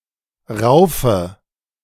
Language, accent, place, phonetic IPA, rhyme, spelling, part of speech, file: German, Germany, Berlin, [ˈʁaʊ̯fə], -aʊ̯fə, raufe, verb, De-raufe.ogg
- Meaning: inflection of raufen: 1. first-person singular present 2. singular imperative 3. first/third-person singular subjunctive I